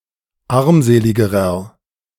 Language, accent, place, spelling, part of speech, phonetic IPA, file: German, Germany, Berlin, armseligerer, adjective, [ˈaʁmˌzeːlɪɡəʁɐ], De-armseligerer.ogg
- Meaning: inflection of armselig: 1. strong/mixed nominative masculine singular comparative degree 2. strong genitive/dative feminine singular comparative degree 3. strong genitive plural comparative degree